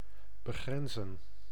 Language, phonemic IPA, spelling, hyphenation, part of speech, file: Dutch, /bəˈɣrɛnzə(n)/, begrenzen, be‧gren‧zen, verb, Nl-begrenzen.ogg
- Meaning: 1. to demarcate, limit 2. to neighbor